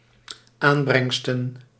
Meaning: plural of aanbrengst
- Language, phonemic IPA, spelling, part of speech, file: Dutch, /ˈambrɛŋstə(n)/, aanbrengsten, noun, Nl-aanbrengsten.ogg